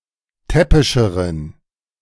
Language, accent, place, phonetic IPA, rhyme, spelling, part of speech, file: German, Germany, Berlin, [ˈtɛpɪʃəʁən], -ɛpɪʃəʁən, täppischeren, adjective, De-täppischeren.ogg
- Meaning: inflection of täppisch: 1. strong genitive masculine/neuter singular comparative degree 2. weak/mixed genitive/dative all-gender singular comparative degree